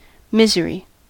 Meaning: 1. Great unhappiness; extreme pain of body or mind; wretchedness; distress; woe 2. A bodily ache or pain 3. Cause of misery; calamity; misfortune 4. poverty 5. greed; avarice
- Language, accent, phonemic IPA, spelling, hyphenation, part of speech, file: English, US, /ˈmɪz(ə)ɹi/, misery, mis‧ery, noun, En-us-misery.ogg